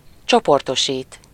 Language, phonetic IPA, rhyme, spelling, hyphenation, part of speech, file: Hungarian, [ˈt͡ʃoportoʃiːt], -iːt, csoportosít, cso‧por‧to‧sít, verb, Hu-csoportosít.ogg
- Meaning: to group (to make a group)